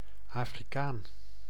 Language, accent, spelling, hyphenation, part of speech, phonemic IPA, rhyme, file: Dutch, Netherlands, Afrikaan, Afri‧kaan, noun, /ˌaː.friˈkaːn/, -aːn, Nl-Afrikaan.ogg
- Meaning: African (a native of Africa)